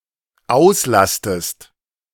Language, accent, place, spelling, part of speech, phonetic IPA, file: German, Germany, Berlin, auslastest, verb, [ˈaʊ̯sˌlastəst], De-auslastest.ogg
- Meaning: inflection of auslasten: 1. second-person singular dependent present 2. second-person singular dependent subjunctive I